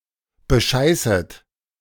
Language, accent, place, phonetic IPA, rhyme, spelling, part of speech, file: German, Germany, Berlin, [bəˈʃaɪ̯sət], -aɪ̯sət, bescheißet, verb, De-bescheißet.ogg
- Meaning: second-person plural subjunctive I of bescheißen